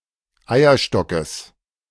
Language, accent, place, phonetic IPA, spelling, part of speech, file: German, Germany, Berlin, [ˈaɪ̯ɐˌʃtɔkəs], Eierstockes, noun, De-Eierstockes.ogg
- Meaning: genitive singular of Eierstock